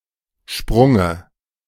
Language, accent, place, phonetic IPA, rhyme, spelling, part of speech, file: German, Germany, Berlin, [ˈʃpʁʊŋə], -ʊŋə, Sprunge, noun, De-Sprunge.ogg
- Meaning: dative of Sprung